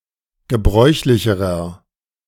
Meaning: inflection of gebräuchlich: 1. strong/mixed nominative masculine singular comparative degree 2. strong genitive/dative feminine singular comparative degree 3. strong genitive plural comparative degree
- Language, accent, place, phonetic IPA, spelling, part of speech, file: German, Germany, Berlin, [ɡəˈbʁɔɪ̯çlɪçəʁɐ], gebräuchlicherer, adjective, De-gebräuchlicherer.ogg